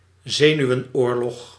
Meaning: alternative form of zenuwoorlog
- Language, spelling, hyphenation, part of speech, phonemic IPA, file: Dutch, zenuwenoorlog, ze‧nu‧wen‧oor‧log, noun, /ˈzeː.ny.ʋə(n)ˌoːr.lɔx/, Nl-zenuwenoorlog.ogg